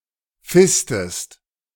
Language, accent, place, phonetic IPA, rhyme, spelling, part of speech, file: German, Germany, Berlin, [ˈfɪstəst], -ɪstəst, fistest, verb, De-fistest.ogg
- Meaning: inflection of fisten: 1. second-person singular present 2. second-person singular subjunctive I